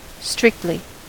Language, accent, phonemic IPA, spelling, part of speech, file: English, US, /ˈstɹɪktli/, strictly, adverb, En-us-strictly.ogg
- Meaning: 1. In a strict manner 2. In a limited manner; only 3. In a narrow or limited sense 4. In a manner that applies to every member of a set or every interval of a function